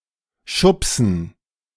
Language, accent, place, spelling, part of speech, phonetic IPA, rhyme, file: German, Germany, Berlin, Schubsen, noun, [ˈʃʊpsn̩], -ʊpsn̩, De-Schubsen.ogg
- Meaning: dative plural of Schubs